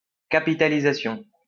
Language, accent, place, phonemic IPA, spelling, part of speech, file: French, France, Lyon, /ka.pi.ta.li.za.sjɔ̃/, capitalisation, noun, LL-Q150 (fra)-capitalisation.wav
- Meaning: capitalisation